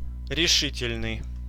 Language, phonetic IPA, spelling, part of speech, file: Russian, [rʲɪˈʂɨtʲɪlʲnɨj], решительный, adjective, Ru-решительный.ogg
- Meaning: 1. decisive 2. critical 3. firm, absolute, resolute 4. definite, determined